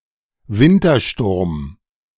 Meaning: winter storm
- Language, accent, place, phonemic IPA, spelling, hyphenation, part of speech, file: German, Germany, Berlin, /ˈvɪntɐˌʃtʊʁm/, Wintersturm, Win‧ter‧sturm, noun, De-Wintersturm.ogg